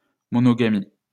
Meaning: monogamy
- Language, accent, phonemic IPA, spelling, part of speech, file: French, France, /mɔ.nɔ.ɡa.mi/, monogamie, noun, LL-Q150 (fra)-monogamie.wav